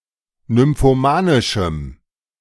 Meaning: strong dative masculine/neuter singular of nymphomanisch
- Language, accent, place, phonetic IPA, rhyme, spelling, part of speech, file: German, Germany, Berlin, [nʏmfoˈmaːnɪʃm̩], -aːnɪʃm̩, nymphomanischem, adjective, De-nymphomanischem.ogg